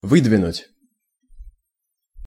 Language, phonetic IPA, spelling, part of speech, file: Russian, [ˈvɨdvʲɪnʊtʲ], выдвинуть, verb, Ru-выдвинуть.ogg
- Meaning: 1. to draw out, to move out, to pull out 2. to put forward, to advance